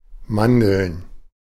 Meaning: plural of Mandel
- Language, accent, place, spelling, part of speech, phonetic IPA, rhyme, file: German, Germany, Berlin, Mandeln, noun, [ˈmandl̩n], -andl̩n, De-Mandeln.ogg